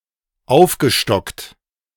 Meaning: past participle of aufstocken
- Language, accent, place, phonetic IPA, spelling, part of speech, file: German, Germany, Berlin, [ˈaʊ̯fɡəˌʃtɔkt], aufgestockt, verb, De-aufgestockt.ogg